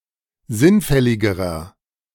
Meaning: inflection of sinnfällig: 1. strong/mixed nominative masculine singular comparative degree 2. strong genitive/dative feminine singular comparative degree 3. strong genitive plural comparative degree
- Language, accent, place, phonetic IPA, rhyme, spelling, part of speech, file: German, Germany, Berlin, [ˈzɪnˌfɛlɪɡəʁɐ], -ɪnfɛlɪɡəʁɐ, sinnfälligerer, adjective, De-sinnfälligerer.ogg